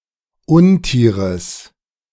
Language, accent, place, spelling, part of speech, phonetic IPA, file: German, Germany, Berlin, Untieres, noun, [ˈʊnˌtiːʁəs], De-Untieres.ogg
- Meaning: genitive of Untier